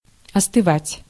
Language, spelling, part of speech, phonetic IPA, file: Russian, остывать, verb, [ɐstɨˈvatʲ], Ru-остывать.ogg
- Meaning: 1. to cool down (to become cooler in temperature) 2. to calm down, to chill out